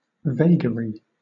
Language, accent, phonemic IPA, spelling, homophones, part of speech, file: English, Southern England, /ˈveɪɡəɹi/, vaguery, vagary, noun, LL-Q1860 (eng)-vaguery.wav
- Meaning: 1. Vagueness, the condition of being vague 2. A vagueness, a thing which is vague, an example of vagueness 3. Misspelling of vagary